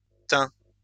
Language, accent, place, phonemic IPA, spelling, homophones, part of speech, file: French, France, Lyon, /tɛ̃/, tain, teint / teints / thym / tins / tint / tînt, noun, LL-Q150 (fra)-tain.wav
- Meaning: 1. silvering 2. aluminium foil